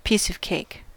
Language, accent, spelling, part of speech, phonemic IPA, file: English, US, piece of cake, noun, /ˈpiːsə(v)ˈkeɪk/, En-us-piece of cake.ogg
- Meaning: 1. A job, task or other activity that is pleasant or, by extension, easy or simple 2. Used other than figuratively or idiomatically: see piece, cake